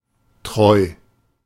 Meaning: loyal; faithful; true
- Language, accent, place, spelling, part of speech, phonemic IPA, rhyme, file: German, Germany, Berlin, treu, adjective, /tʁɔɪ̯/, -ɔɪ̯, De-treu.ogg